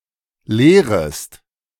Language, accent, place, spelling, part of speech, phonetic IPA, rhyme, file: German, Germany, Berlin, leerest, verb, [ˈleːʁəst], -eːʁəst, De-leerest.ogg
- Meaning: second-person singular subjunctive I of leeren